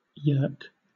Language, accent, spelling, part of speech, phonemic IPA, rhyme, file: English, Southern England, yerk, verb / noun, /jɜː(ɹ)k/, -ɜː(ɹ)k, LL-Q1860 (eng)-yerk.wav
- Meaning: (verb) 1. To stab (someone or something) 2. To throw or thrust with a sudden, smart movement; to kick or strike suddenly; to jerk 3. To strike or lash with a whip or stick 4. To rouse or excite